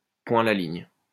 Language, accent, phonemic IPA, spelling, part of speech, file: French, France, /pwɛ̃ a la liɲ/, point à la ligne, interjection, LL-Q150 (fra)-point à la ligne.wav
- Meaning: period, full stop